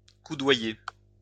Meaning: 1. to elbow (someone) 2. to press together, be elbow-to-elbow 3. to encounter regularly
- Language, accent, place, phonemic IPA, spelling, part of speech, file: French, France, Lyon, /ku.dwa.je/, coudoyer, verb, LL-Q150 (fra)-coudoyer.wav